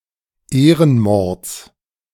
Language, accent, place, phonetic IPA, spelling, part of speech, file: German, Germany, Berlin, [ˈeːʁənˌmɔʁt͡s], Ehrenmords, noun, De-Ehrenmords.ogg
- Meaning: genitive singular of Ehrenmord